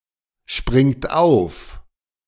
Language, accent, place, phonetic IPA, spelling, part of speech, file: German, Germany, Berlin, [ˌʃpʁɪŋkt ˈʔaʊ̯f], springt auf, verb, De-springt auf.ogg
- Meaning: inflection of aufspringen: 1. third-person singular present 2. second-person plural present 3. plural imperative